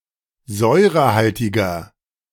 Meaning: 1. comparative degree of säurehaltig 2. inflection of säurehaltig: strong/mixed nominative masculine singular 3. inflection of säurehaltig: strong genitive/dative feminine singular
- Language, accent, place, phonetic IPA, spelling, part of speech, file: German, Germany, Berlin, [ˈzɔɪ̯ʁəˌhaltɪɡɐ], säurehaltiger, adjective, De-säurehaltiger.ogg